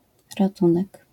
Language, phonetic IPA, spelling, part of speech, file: Polish, [raˈtũnɛk], ratunek, noun, LL-Q809 (pol)-ratunek.wav